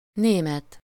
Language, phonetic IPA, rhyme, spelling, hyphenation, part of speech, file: Hungarian, [ˈneːmɛt], -ɛt, német, né‧met, adjective / noun, Hu-német.ogg
- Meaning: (adjective) 1. German (of or relating to Germany or its people) 2. German (of, in or relating to the German language); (noun) 1. German (person) 2. German (language)